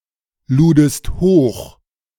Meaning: second-person singular preterite of hochladen
- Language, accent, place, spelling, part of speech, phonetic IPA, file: German, Germany, Berlin, ludest hoch, verb, [ˌluːdəst ˈhoːx], De-ludest hoch.ogg